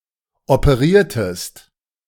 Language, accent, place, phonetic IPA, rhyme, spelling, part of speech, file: German, Germany, Berlin, [opəˈʁiːɐ̯təst], -iːɐ̯təst, operiertest, verb, De-operiertest.ogg
- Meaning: inflection of operieren: 1. second-person singular preterite 2. second-person singular subjunctive II